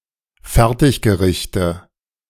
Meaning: nominative/accusative/genitive plural of Fertiggericht
- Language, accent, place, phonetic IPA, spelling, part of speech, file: German, Germany, Berlin, [ˈfɛʁtɪçɡəˌʁɪçtə], Fertiggerichte, noun, De-Fertiggerichte.ogg